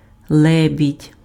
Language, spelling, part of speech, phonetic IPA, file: Ukrainian, лебідь, noun, [ˈɫɛbʲidʲ], Uk-лебідь.ogg
- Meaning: swan